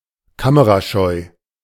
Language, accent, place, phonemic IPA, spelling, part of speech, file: German, Germany, Berlin, /ˈkaməʁaˌʃɔɪ̯/, kamerascheu, adjective, De-kamerascheu.ogg
- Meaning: camera-shy